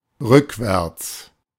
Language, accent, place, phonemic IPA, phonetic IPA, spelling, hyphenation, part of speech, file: German, Germany, Berlin, /ˈʁʏkˌvɛʁts/, [ˈʁʏkʰˌvɛɐ̯ts], rückwärts, rück‧wärts, adverb, De-rückwärts.ogg
- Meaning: backwards